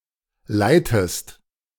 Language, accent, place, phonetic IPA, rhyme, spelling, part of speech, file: German, Germany, Berlin, [ˈlaɪ̯təst], -aɪ̯təst, leitest, verb, De-leitest.ogg
- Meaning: inflection of leiten: 1. second-person singular present 2. second-person singular subjunctive I